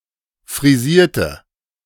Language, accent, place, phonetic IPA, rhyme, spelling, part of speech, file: German, Germany, Berlin, [fʁiˈziːɐ̯tə], -iːɐ̯tə, frisierte, adjective / verb, De-frisierte.ogg
- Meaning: inflection of frisieren: 1. first/third-person singular preterite 2. first/third-person singular subjunctive II